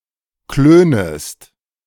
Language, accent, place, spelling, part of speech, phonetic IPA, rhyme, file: German, Germany, Berlin, klönest, verb, [ˈkløːnəst], -øːnəst, De-klönest.ogg
- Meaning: second-person singular subjunctive I of klönen